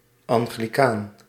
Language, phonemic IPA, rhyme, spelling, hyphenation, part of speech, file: Dutch, /ˌɑŋ.ɣliˈkaːn/, -aːn, anglicaan, an‧gli‧caan, noun, Nl-anglicaan.ogg
- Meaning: Anglican, Episcopalian